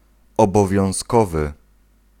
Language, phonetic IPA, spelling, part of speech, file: Polish, [ˌɔbɔvʲjɔ̃w̃ˈskɔvɨ], obowiązkowy, adjective, Pl-obowiązkowy.ogg